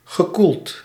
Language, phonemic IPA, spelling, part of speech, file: Dutch, /ɣəˈkult/, gekoeld, verb / adjective, Nl-gekoeld.ogg
- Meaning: past participle of koelen